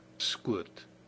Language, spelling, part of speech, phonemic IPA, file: Afrikaans, skoot, noun, /skʊət/, Af-skoot.ogg
- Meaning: 1. shot 2. lap, upper leg